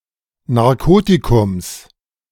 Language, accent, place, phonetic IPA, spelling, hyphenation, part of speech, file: German, Germany, Berlin, [naʁˈkoːtikʊms], Narkotikums, Nar‧ko‧ti‧kums, noun, De-Narkotikums.ogg
- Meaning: genitive singular of Narkotikum